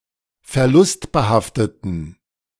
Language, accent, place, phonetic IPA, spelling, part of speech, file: German, Germany, Berlin, [fɛɐ̯ˈlʊstbəˌhaftətn̩], verlustbehafteten, adjective, De-verlustbehafteten.ogg
- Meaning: inflection of verlustbehaftet: 1. strong genitive masculine/neuter singular 2. weak/mixed genitive/dative all-gender singular 3. strong/weak/mixed accusative masculine singular 4. strong dative plural